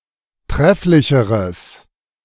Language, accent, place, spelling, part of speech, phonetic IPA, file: German, Germany, Berlin, trefflicheres, adjective, [ˈtʁɛflɪçəʁəs], De-trefflicheres.ogg
- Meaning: strong/mixed nominative/accusative neuter singular comparative degree of trefflich